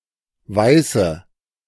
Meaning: 1. female equivalent of Weißer: white female, Caucasian female 2. one of a variety of beers, including the Bavarian weissbier, but especially the one called Berliner Weiße
- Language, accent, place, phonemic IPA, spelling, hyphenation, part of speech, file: German, Germany, Berlin, /ˈvaɪ̯sə/, Weiße, Wei‧ße, noun, De-Weiße.ogg